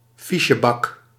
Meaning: filing cabinet
- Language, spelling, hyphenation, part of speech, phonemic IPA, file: Dutch, fichebak, fi‧che‧bak, noun, /ˈfi.ʃəˌbɑk/, Nl-fichebak.ogg